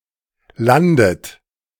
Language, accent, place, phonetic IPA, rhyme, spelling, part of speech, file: German, Germany, Berlin, [ˈlandət], -andət, landet, verb, De-landet.ogg
- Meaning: inflection of landen: 1. third-person singular present 2. second-person plural present 3. plural imperative 4. second-person plural subjunctive I